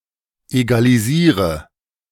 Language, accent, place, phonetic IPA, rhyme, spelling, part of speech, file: German, Germany, Berlin, [ˌeɡaliˈziːʁə], -iːʁə, egalisiere, verb, De-egalisiere.ogg
- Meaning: inflection of egalisieren: 1. first-person singular present 2. first/third-person singular subjunctive I 3. singular imperative